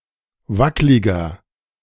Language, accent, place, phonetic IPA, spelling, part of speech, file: German, Germany, Berlin, [ˈvaklɪɡɐ], wackliger, adjective, De-wackliger.ogg
- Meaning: 1. comparative degree of wacklig 2. inflection of wacklig: strong/mixed nominative masculine singular 3. inflection of wacklig: strong genitive/dative feminine singular